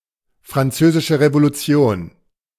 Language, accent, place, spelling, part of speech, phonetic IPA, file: German, Germany, Berlin, Französische Revolution, phrase, [fʁanˈt͡søːzɪʃə ʁevoluˈt͡si̯oːn], De-Französische Revolution.ogg
- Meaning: French Revolution